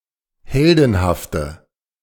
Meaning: inflection of heldenhaft: 1. strong/mixed nominative/accusative feminine singular 2. strong nominative/accusative plural 3. weak nominative all-gender singular
- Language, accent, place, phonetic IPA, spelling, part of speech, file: German, Germany, Berlin, [ˈhɛldn̩haftə], heldenhafte, adjective, De-heldenhafte.ogg